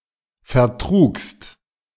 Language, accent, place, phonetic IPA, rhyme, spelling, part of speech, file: German, Germany, Berlin, [fɛɐ̯ˈtʁuːkst], -uːkst, vertrugst, verb, De-vertrugst.ogg
- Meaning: second-person singular preterite of vertragen